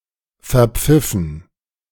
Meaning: past participle of verpfeifen
- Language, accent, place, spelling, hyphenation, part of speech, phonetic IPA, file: German, Germany, Berlin, verpfiffen, ver‧pfif‧fen, verb, [fɛɐ̯ˈp͡fɪfn̩], De-verpfiffen.ogg